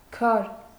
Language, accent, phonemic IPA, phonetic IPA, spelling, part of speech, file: Armenian, Eastern Armenian, /kʰɑɾ/, [kʰɑɾ], քար, noun / adjective, Hy-քար.ogg
- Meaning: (noun) 1. stone, rock 2. rock, cliff 3. mountain 4. precious stone, gem 5. flint, gunflint 6. weight (stone used for weighing objects) 7. piece (in board games, such as backgammon and chess)